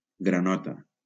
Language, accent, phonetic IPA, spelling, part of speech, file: Catalan, Valencia, [ɡɾaˈnɔ.ta], granota, noun, LL-Q7026 (cat)-granota.wav
- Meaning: 1. frog 2. boiler suit